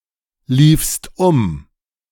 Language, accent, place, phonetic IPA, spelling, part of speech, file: German, Germany, Berlin, [ˌliːfst ˈʊm], liefst um, verb, De-liefst um.ogg
- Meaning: second-person singular preterite of umlaufen